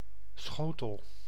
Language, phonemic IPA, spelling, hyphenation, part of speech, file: Dutch, /ˈsxoː.təl/, schotel, scho‧tel, noun, Nl-schotel.ogg
- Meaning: 1. dish 2. saucer 3. satellite dish